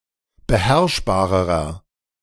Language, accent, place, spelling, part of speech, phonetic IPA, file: German, Germany, Berlin, beherrschbarerer, adjective, [bəˈhɛʁʃbaːʁəʁɐ], De-beherrschbarerer.ogg
- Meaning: inflection of beherrschbar: 1. strong/mixed nominative masculine singular comparative degree 2. strong genitive/dative feminine singular comparative degree 3. strong genitive plural comparative degree